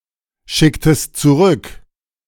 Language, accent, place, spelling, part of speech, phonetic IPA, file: German, Germany, Berlin, schicktest zurück, verb, [ˌʃɪktəst t͡suˈʁʏk], De-schicktest zurück.ogg
- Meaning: inflection of zurückschicken: 1. second-person singular preterite 2. second-person singular subjunctive II